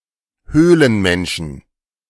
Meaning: 1. genitive singular of Höhlenmensch 2. plural of Höhlenmensch
- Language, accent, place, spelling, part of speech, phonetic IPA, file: German, Germany, Berlin, Höhlenmenschen, noun, [ˈhøːlənˌmɛnʃn̩], De-Höhlenmenschen.ogg